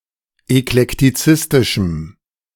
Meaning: strong dative masculine/neuter singular of eklektizistisch
- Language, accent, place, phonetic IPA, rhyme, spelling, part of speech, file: German, Germany, Berlin, [ɛklɛktiˈt͡sɪstɪʃm̩], -ɪstɪʃm̩, eklektizistischem, adjective, De-eklektizistischem.ogg